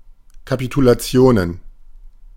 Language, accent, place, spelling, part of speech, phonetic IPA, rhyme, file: German, Germany, Berlin, Kapitulationen, noun, [kapitulaˈt͡si̯oːnən], -oːnən, De-Kapitulationen.ogg
- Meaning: plural of Kapitulation